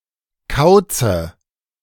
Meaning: dative singular of Kauz
- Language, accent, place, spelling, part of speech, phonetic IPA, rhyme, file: German, Germany, Berlin, Kauze, noun, [ˈkaʊ̯t͡sə], -aʊ̯t͡sə, De-Kauze.ogg